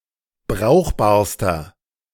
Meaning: inflection of brauchbar: 1. strong/mixed nominative masculine singular superlative degree 2. strong genitive/dative feminine singular superlative degree 3. strong genitive plural superlative degree
- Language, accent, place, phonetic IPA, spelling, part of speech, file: German, Germany, Berlin, [ˈbʁaʊ̯xbaːɐ̯stɐ], brauchbarster, adjective, De-brauchbarster.ogg